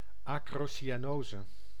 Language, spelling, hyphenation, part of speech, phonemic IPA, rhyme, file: Dutch, acrocyanose, acro‧cy‧a‧no‧se, noun, /ˌɑ.kroː.si.aːˈnoː.zə/, -oːzə, Nl-acrocyanose.ogg
- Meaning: acrocyanosis